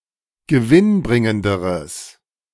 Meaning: strong/mixed nominative/accusative neuter singular comparative degree of gewinnbringend
- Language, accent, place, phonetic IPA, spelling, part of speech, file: German, Germany, Berlin, [ɡəˈvɪnˌbʁɪŋəndəʁəs], gewinnbringenderes, adjective, De-gewinnbringenderes.ogg